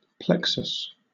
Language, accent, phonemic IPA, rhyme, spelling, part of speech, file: English, Southern England, /ˈplɛk.səs/, -ɛksəs, plexus, noun, LL-Q1860 (eng)-plexus.wav
- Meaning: 1. A network of anastomosing or interwoven nerves, blood vessels, or lymphatic vessels 2. An interwoven combination of parts or elements in a structure or system